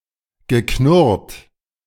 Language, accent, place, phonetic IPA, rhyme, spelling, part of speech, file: German, Germany, Berlin, [ɡəˈknʊʁt], -ʊʁt, geknurrt, verb, De-geknurrt.ogg
- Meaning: past participle of knurren